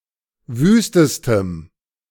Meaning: strong dative masculine/neuter singular superlative degree of wüst
- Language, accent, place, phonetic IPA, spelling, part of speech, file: German, Germany, Berlin, [ˈvyːstəstəm], wüstestem, adjective, De-wüstestem.ogg